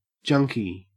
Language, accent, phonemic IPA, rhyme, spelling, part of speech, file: English, Australia, /ˈd͡ʒʌŋki/, -ʌŋki, junkie, noun, En-au-junkie.ogg
- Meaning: 1. A narcotics addict, especially a heroin user 2. An enthusiast of something